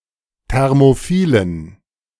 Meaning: inflection of thermophil: 1. strong genitive masculine/neuter singular 2. weak/mixed genitive/dative all-gender singular 3. strong/weak/mixed accusative masculine singular 4. strong dative plural
- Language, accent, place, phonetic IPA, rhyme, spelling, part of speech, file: German, Germany, Berlin, [ˌtɛʁmoˈfiːlən], -iːlən, thermophilen, adjective, De-thermophilen.ogg